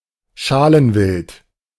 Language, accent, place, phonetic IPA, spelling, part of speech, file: German, Germany, Berlin, [ˈʃalənˌvɪlt], Schalenwild, noun, De-Schalenwild.ogg
- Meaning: hoofed game